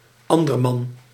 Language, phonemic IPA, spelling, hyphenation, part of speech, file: Dutch, /ˈɑn.dərˌmɑn/, anderman, an‧der‧man, pronoun, Nl-anderman.ogg
- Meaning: someone else